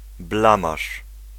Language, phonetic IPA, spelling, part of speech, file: Polish, [ˈblãmaʃ], blamaż, noun, Pl-blamaż.ogg